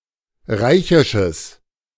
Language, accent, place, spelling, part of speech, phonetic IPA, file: German, Germany, Berlin, reichisches, adjective, [ˈʁaɪ̯çɪʃəs], De-reichisches.ogg
- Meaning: strong/mixed nominative/accusative neuter singular of reichisch